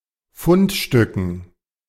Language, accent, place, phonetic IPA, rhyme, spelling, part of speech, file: German, Germany, Berlin, [ˈfʊntˌʃtʏkn̩], -ʊntʃtʏkn̩, Fundstücken, noun, De-Fundstücken.ogg
- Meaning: dative plural of Fundstück